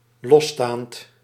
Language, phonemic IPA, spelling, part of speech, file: Dutch, /ˈlɔstant/, losstaand, adjective / verb, Nl-losstaand.ogg
- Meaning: present participle of losstaan